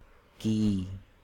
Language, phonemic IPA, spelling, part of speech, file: Hindi, /kiː/, की, postposition / verb, Hi-की.ogg
- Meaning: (postposition) feminine of का (kā): 1. of 2. belonging to 3. concerning 4. made of, consisting of; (verb) inflection of करना (karnā): feminine singular perfective participle